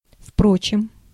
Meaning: however, nevertheless
- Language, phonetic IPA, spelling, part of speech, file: Russian, [ˈfprot͡ɕɪm], впрочем, adverb, Ru-впрочем.ogg